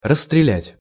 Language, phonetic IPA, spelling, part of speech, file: Russian, [rəs(ː)trʲɪˈlʲætʲ], расстрелять, verb, Ru-расстрелять.ogg
- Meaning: 1. to shoot someone dead, to execute (by shooting) 2. to expose to heavy (artillery or gun-) fire